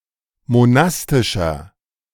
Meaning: inflection of monastisch: 1. strong/mixed nominative masculine singular 2. strong genitive/dative feminine singular 3. strong genitive plural
- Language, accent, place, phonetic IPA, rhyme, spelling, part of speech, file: German, Germany, Berlin, [moˈnastɪʃɐ], -astɪʃɐ, monastischer, adjective, De-monastischer.ogg